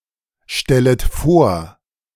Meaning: second-person plural subjunctive I of vorstellen
- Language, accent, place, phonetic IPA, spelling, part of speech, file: German, Germany, Berlin, [ˌʃtɛlət ˈfoːɐ̯], stellet vor, verb, De-stellet vor.ogg